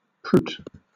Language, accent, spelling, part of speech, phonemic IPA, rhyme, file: English, Southern England, proot, interjection / noun, /pɹuːt/, -uːt, LL-Q1860 (eng)-proot.wav
- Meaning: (interjection) A command to a donkey or mule to move faster; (noun) A protogen